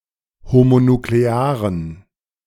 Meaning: inflection of homonuklear: 1. strong genitive masculine/neuter singular 2. weak/mixed genitive/dative all-gender singular 3. strong/weak/mixed accusative masculine singular 4. strong dative plural
- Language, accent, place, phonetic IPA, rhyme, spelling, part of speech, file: German, Germany, Berlin, [homonukleˈaːʁən], -aːʁən, homonuklearen, adjective, De-homonuklearen.ogg